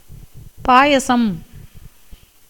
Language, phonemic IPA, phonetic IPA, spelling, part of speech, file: Tamil, /pɑːjɐtʃɐm/, [päːjɐsɐm], பாயசம், noun, Ta-பாயசம்.ogg
- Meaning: payasam (semi-liquid food prepared of milk, rice, sago etc., mixed with sugar or jaggery)